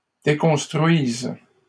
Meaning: second-person singular present subjunctive of déconstruire
- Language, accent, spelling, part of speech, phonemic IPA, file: French, Canada, déconstruises, verb, /de.kɔ̃s.tʁɥiz/, LL-Q150 (fra)-déconstruises.wav